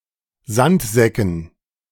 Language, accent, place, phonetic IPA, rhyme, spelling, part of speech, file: German, Germany, Berlin, [ˈzantˌzɛkn̩], -antzɛkn̩, Sandsäcken, noun, De-Sandsäcken.ogg
- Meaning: dative plural of Sandsack